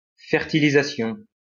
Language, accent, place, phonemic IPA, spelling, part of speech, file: French, France, Lyon, /fɛʁ.ti.li.za.sjɔ̃/, fertilisation, noun, LL-Q150 (fra)-fertilisation.wav
- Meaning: fertilization